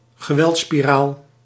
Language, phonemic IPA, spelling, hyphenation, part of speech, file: Dutch, /ɣəˈʋɛlt.spiˌraːl/, geweldspiraal, ge‧weld‧spi‧raal, noun, Nl-geweldspiraal.ogg
- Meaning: alternative spelling of geweldsspiraal